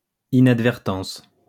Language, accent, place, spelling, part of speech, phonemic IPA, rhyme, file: French, France, Lyon, inadvertance, noun, /i.nad.vɛʁ.tɑ̃s/, -ɑ̃s, LL-Q150 (fra)-inadvertance.wav
- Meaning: 1. inadvertence 2. accident, oversight